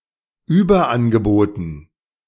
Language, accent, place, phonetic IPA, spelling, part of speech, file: German, Germany, Berlin, [ˈyːbɐˌʔanɡəboːtn̩], Überangeboten, noun, De-Überangeboten.ogg
- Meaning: dative plural of Überangebot